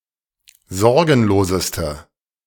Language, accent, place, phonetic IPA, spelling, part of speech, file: German, Germany, Berlin, [ˈzɔʁɡn̩loːzəstə], sorgenloseste, adjective, De-sorgenloseste.ogg
- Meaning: inflection of sorgenlos: 1. strong/mixed nominative/accusative feminine singular superlative degree 2. strong nominative/accusative plural superlative degree